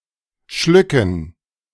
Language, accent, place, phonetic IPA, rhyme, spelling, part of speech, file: German, Germany, Berlin, [ˈʃlʏkn̩], -ʏkn̩, Schlücken, noun, De-Schlücken.ogg
- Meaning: dative plural of Schluck